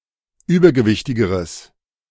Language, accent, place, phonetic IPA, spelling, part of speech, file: German, Germany, Berlin, [ˈyːbɐɡəˌvɪçtɪɡəʁəs], übergewichtigeres, adjective, De-übergewichtigeres.ogg
- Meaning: strong/mixed nominative/accusative neuter singular comparative degree of übergewichtig